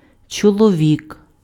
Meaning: 1. man (male human) 2. husband 3. man, human
- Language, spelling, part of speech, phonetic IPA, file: Ukrainian, чоловік, noun, [t͡ʃɔɫɔˈʋʲik], Uk-чоловік.ogg